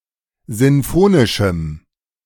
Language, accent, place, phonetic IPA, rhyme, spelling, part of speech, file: German, Germany, Berlin, [ˌzɪnˈfoːnɪʃm̩], -oːnɪʃm̩, sinfonischem, adjective, De-sinfonischem.ogg
- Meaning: strong dative masculine/neuter singular of sinfonisch